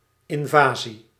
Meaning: 1. military invasion 2. an act of invasion or trespassing on property
- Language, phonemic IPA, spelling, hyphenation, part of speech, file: Dutch, /ˌɪnˈvaː.zi/, invasie, in‧va‧sie, noun, Nl-invasie.ogg